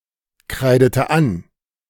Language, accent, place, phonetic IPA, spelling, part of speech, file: German, Germany, Berlin, [ˌkʁaɪ̯dətə ˈan], kreidete an, verb, De-kreidete an.ogg
- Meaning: inflection of ankreiden: 1. first/third-person singular preterite 2. first/third-person singular subjunctive II